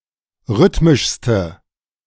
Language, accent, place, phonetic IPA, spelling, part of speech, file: German, Germany, Berlin, [ˈʁʏtmɪʃstə], rhythmischste, adjective, De-rhythmischste.ogg
- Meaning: inflection of rhythmisch: 1. strong/mixed nominative/accusative feminine singular superlative degree 2. strong nominative/accusative plural superlative degree